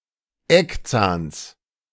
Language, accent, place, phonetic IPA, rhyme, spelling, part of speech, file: German, Germany, Berlin, [ˈɛkˌt͡saːns], -ɛkt͡saːns, Eckzahns, noun, De-Eckzahns.ogg
- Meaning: genitive singular of Eckzahn